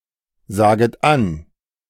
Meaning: second-person plural subjunctive I of ansagen
- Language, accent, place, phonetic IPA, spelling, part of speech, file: German, Germany, Berlin, [ˌzaːɡət ˈan], saget an, verb, De-saget an.ogg